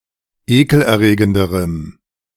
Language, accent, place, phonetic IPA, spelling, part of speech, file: German, Germany, Berlin, [ˈeːkl̩ʔɛɐ̯ˌʁeːɡəndəʁəm], ekelerregenderem, adjective, De-ekelerregenderem.ogg
- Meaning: strong dative masculine/neuter singular comparative degree of ekelerregend